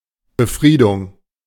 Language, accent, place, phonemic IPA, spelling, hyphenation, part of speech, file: German, Germany, Berlin, /bəˈfʁiːdʊŋ/, Befriedung, Be‧frie‧dung, noun, De-Befriedung.ogg
- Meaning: pacification